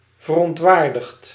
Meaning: past participle of verontwaardigen
- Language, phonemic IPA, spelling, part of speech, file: Dutch, /vərɔntˈwardəxt/, verontwaardigd, verb / adjective / adverb, Nl-verontwaardigd.ogg